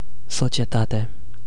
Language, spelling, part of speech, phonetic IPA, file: Romanian, societate, noun, [so.t͡ʃjeˈta.te], Ro-societate.ogg
- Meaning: 1. society 2. company